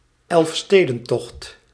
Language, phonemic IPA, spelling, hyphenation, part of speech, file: Dutch, /ɛlfˈsteː.də(n)ˌtɔxt/, Elfstedentocht, Elf‧ste‧den‧tocht, proper noun, Nl-Elfstedentocht.ogg
- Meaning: Elfstedentocht